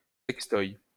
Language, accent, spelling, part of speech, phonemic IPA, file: French, France, sex-toy, noun, /sɛk.stɔj/, LL-Q150 (fra)-sex-toy.wav
- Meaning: sex toy